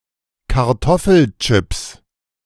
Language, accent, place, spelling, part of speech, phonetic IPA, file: German, Germany, Berlin, Kartoffelchips, noun, [kaʁˈtɔfl̩ˌt͡ʃɪps], De-Kartoffelchips.ogg
- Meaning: 1. genitive singular of Kartoffelchip 2. plural of Kartoffelchip